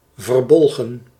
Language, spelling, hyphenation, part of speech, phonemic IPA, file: Dutch, verbolgen, ver‧bol‧gen, adjective, /vərˈbɔl.ɣə(n)/, Nl-verbolgen.ogg
- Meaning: angry